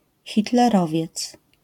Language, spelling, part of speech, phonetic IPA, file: Polish, hitlerowiec, noun, [ˌxʲitlɛˈrɔvʲjɛt͡s], LL-Q809 (pol)-hitlerowiec.wav